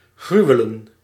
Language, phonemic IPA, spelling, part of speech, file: Dutch, /ˈɣrywələ(n)/, gruwelen, verb / noun, Nl-gruwelen.ogg
- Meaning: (verb) synonym of gruwen; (noun) plural of gruwel